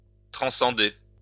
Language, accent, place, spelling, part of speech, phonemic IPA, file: French, France, Lyon, transcender, verb, /tʁɑ̃.sɑ̃.de/, LL-Q150 (fra)-transcender.wav
- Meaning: to transcend